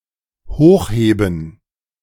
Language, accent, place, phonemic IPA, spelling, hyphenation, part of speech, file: German, Germany, Berlin, /ˈhoːxˌheːbn̩/, hochheben, hoch‧he‧ben, verb, De-hochheben.ogg
- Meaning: to lift, raise